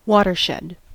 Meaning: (noun) The topographical boundary dividing two adjacent catchment basins, such as a ridge or a crest
- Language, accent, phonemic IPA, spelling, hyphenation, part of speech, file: English, US, /ˈwɔtɚʃɛd/, watershed, wa‧ter‧shed, noun / adjective, En-us-watershed.ogg